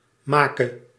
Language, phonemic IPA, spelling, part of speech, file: Dutch, /ˈmaːkə/, make, verb, Nl-make.ogg
- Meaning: singular present subjunctive of maken